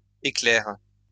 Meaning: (noun) 1. synonym of chélidoine (“celandine”) 2. synonym of renoncule ficaire (“lesser celandine”); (verb) inflection of éclairer: first/third-person singular present indicative/subjunctive
- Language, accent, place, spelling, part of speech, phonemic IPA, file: French, France, Lyon, éclaire, noun / verb, /e.klɛʁ/, LL-Q150 (fra)-éclaire.wav